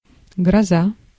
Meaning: 1. thunder, thunderstorm 2. disaster 3. danger, menace 4. terror
- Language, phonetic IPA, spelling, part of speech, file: Russian, [ɡrɐˈza], гроза, noun, Ru-гроза.ogg